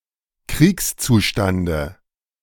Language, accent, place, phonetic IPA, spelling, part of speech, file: German, Germany, Berlin, [ˈkʁiːkst͡suˌʃtandə], Kriegszustande, noun, De-Kriegszustande.ogg
- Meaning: dative singular of Kriegszustand